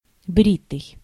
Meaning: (verb) past passive imperfective participle of брить (britʹ); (adjective) 1. clean-shaven 2. shaved
- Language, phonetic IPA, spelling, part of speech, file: Russian, [ˈbrʲitɨj], бритый, verb / adjective, Ru-бритый.ogg